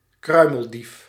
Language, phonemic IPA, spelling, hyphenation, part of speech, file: Dutch, /ˈkrœy̯.məlˌdif/, kruimeldief, krui‧mel‧dief, noun, Nl-kruimeldief.ogg
- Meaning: 1. pilferer 2. petty thief 3. cordless portable vacuum cleaner